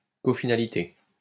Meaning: cofinality
- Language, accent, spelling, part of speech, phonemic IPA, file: French, France, cofinalité, noun, /kɔ.fi.na.li.te/, LL-Q150 (fra)-cofinalité.wav